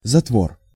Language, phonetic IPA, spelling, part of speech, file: Russian, [zɐtˈvor], затвор, noun, Ru-затвор.ogg
- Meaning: 1. bolt, bar, latch (for locking a door, window, etc.) 2. gate, valve 3. shutter 4. trap 5. breechblock 6. gate (of a field-effect transistor)